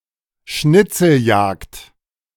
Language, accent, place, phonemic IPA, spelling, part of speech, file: German, Germany, Berlin, /ˈʃnɪtsl̩ˌjaːkt/, Schnitzeljagd, noun, De-Schnitzeljagd.ogg
- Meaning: treasure hunt, scavenger hunt, paperchase, hare and hounds